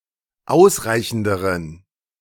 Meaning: inflection of ausreichend: 1. strong genitive masculine/neuter singular comparative degree 2. weak/mixed genitive/dative all-gender singular comparative degree
- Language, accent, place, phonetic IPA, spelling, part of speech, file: German, Germany, Berlin, [ˈaʊ̯sˌʁaɪ̯çn̩dəʁən], ausreichenderen, adjective, De-ausreichenderen.ogg